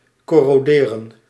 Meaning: to corrode
- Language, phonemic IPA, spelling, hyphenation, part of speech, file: Dutch, /kɔroːˈdeːrə(n)/, corroderen, cor‧ro‧de‧ren, verb, Nl-corroderen.ogg